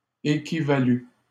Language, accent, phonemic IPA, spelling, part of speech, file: French, Canada, /e.ki.va.ly/, équivalut, verb, LL-Q150 (fra)-équivalut.wav
- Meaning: third-person singular past historic of équivaloir